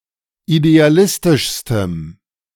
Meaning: strong dative masculine/neuter singular superlative degree of idealistisch
- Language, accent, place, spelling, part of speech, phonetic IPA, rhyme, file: German, Germany, Berlin, idealistischstem, adjective, [ideaˈlɪstɪʃstəm], -ɪstɪʃstəm, De-idealistischstem.ogg